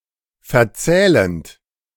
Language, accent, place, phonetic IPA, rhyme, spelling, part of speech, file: German, Germany, Berlin, [fɛɐ̯ˈt͡sɛːlənt], -ɛːlənt, verzählend, verb, De-verzählend.ogg
- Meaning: present participle of verzählen